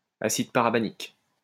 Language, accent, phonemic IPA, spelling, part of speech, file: French, France, /a.sid pa.ʁa.ba.nik/, acide parabanique, noun, LL-Q150 (fra)-acide parabanique.wav
- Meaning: parabanic acid